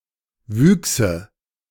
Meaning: nominative/accusative/genitive plural of Wuchs
- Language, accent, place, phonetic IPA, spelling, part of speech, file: German, Germany, Berlin, [ˈvyːksə], Wüchse, noun, De-Wüchse.ogg